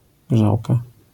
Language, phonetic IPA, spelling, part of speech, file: Polish, [ˈɡʒawka], grzałka, noun, LL-Q809 (pol)-grzałka.wav